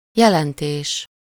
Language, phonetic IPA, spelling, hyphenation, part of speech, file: Hungarian, [ˈjɛlɛnteːʃ], jelentés, je‧len‧tés, noun, Hu-jelentés.ogg
- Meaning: 1. meaning (the object or concept that a word or phrase denotes, or that which a sentence says) 2. report (information describing events)